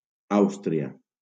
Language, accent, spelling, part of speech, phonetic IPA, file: Catalan, Valencia, Àustria, proper noun, [ˈaws.tɾi.a], LL-Q7026 (cat)-Àustria.wav
- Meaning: Austria (a country in Central Europe)